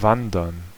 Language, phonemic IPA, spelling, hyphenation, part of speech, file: German, /ˈvandɐn/, wandern, wan‧dern, verb, De-wandern.ogg
- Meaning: 1. to hike, to go trekking 2. to wander, to migrate, to move spontaneously, to end up (somewhere)